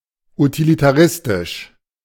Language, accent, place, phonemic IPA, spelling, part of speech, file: German, Germany, Berlin, /utilitaˈʁɪstɪʃ/, utilitaristisch, adjective, De-utilitaristisch.ogg
- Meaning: utilitarian